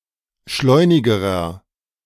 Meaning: inflection of schleunig: 1. strong/mixed nominative masculine singular comparative degree 2. strong genitive/dative feminine singular comparative degree 3. strong genitive plural comparative degree
- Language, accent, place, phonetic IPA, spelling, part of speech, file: German, Germany, Berlin, [ˈʃlɔɪ̯nɪɡəʁɐ], schleunigerer, adjective, De-schleunigerer.ogg